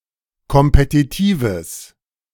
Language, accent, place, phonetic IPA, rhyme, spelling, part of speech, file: German, Germany, Berlin, [kɔmpetiˈtiːvəs], -iːvəs, kompetitives, adjective, De-kompetitives.ogg
- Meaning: strong/mixed nominative/accusative neuter singular of kompetitiv